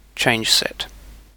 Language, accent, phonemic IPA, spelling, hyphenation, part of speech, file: English, UK, /t͡ʃeɪnd͡ʒsɛt/, changeset, change‧set, noun, En-uk-changeset.ogg
- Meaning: A set of changes, as in source control